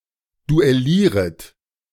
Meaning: second-person plural subjunctive I of duellieren
- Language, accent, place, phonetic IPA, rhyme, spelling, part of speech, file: German, Germany, Berlin, [duɛˈliːʁət], -iːʁət, duellieret, verb, De-duellieret.ogg